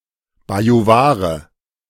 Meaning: Bavarian (person from Bavaria)
- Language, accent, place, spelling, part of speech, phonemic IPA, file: German, Germany, Berlin, Bajuware, noun, /bajuˈvaːʁə/, De-Bajuware.ogg